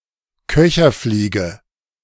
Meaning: caddis fly
- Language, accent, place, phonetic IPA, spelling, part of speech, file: German, Germany, Berlin, [ˈkœçɐˌfliːɡə], Köcherfliege, noun, De-Köcherfliege.ogg